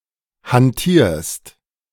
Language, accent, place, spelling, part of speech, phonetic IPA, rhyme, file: German, Germany, Berlin, hantierst, verb, [hanˈtiːɐ̯st], -iːɐ̯st, De-hantierst.ogg
- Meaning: second-person singular present of hantieren